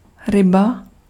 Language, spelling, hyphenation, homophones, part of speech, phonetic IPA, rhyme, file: Czech, ryba, ry‧ba, Ryba, noun, [ˈrɪba], -ɪba, Cs-ryba.ogg
- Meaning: fish (cold-blooded vertebrate animal that lives in water, moving with the help of fins and breathing with gills)